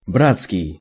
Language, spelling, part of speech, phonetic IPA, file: Russian, братский, adjective, [ˈbrat͡skʲɪj], Ru-братский.ogg
- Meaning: 1. brotherly, fraternal 2. Bratsk